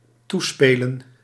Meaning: 1. to allude 2. to pass
- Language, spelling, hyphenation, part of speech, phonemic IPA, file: Dutch, toespelen, toe‧spe‧len, verb, /ˈtuˌspeː.lə(n)/, Nl-toespelen.ogg